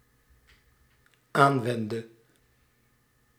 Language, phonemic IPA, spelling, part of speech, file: Dutch, /ˈaɱwɛndə/, aanwendde, verb, Nl-aanwendde.ogg
- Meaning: inflection of aanwenden: 1. singular dependent-clause past indicative 2. singular dependent-clause past subjunctive